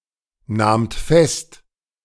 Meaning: second-person plural preterite of festnehmen
- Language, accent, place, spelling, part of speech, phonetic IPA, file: German, Germany, Berlin, nahmt fest, verb, [ˌnaːmt ˈfɛst], De-nahmt fest.ogg